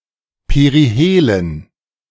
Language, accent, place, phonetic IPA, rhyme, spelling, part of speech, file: German, Germany, Berlin, [peʁiˈheːlən], -eːlən, Perihelen, noun, De-Perihelen.ogg
- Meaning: dative plural of Perihel